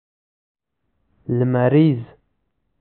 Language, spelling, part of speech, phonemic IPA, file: Pashto, لمريز, adjective, /lmar.iz/, لمريز.ogg
- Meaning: solar